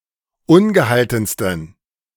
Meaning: 1. superlative degree of ungehalten 2. inflection of ungehalten: strong genitive masculine/neuter singular superlative degree
- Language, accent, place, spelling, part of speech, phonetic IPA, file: German, Germany, Berlin, ungehaltensten, adjective, [ˈʊnɡəˌhaltn̩stən], De-ungehaltensten.ogg